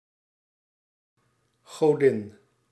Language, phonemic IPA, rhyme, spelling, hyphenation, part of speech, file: Dutch, /ɣoːˈdɪn/, -ɪn, godin, go‧din, noun, Nl-godin.ogg
- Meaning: goddess